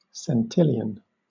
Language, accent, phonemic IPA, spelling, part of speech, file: English, Southern England, /sɛnˈtɪl.i.ən/, centillion, numeral, LL-Q1860 (eng)-centillion.wav
- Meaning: 1. 10³⁰³ 2. 10⁶⁰⁰